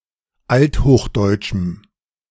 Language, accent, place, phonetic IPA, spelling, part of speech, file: German, Germany, Berlin, [ˈalthoːxˌdɔɪ̯tʃm̩], althochdeutschem, adjective, De-althochdeutschem.ogg
- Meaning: strong dative masculine/neuter singular of althochdeutsch